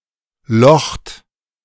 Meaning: inflection of lochen: 1. third-person singular present 2. second-person plural present 3. second-person plural imperative
- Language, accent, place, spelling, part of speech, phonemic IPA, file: German, Germany, Berlin, locht, verb, /lɔxt/, De-locht.ogg